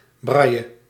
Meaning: braille
- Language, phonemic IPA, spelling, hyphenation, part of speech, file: Dutch, /ˈbraːi̯ə/, braille, brail‧le, noun, Nl-braille.ogg